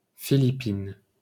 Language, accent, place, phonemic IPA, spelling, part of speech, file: French, France, Paris, /fi.li.pin/, Philippines, proper noun / noun, LL-Q150 (fra)-Philippines.wav
- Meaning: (proper noun) Philippines (a country in Southeast Asia); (noun) plural of Philippine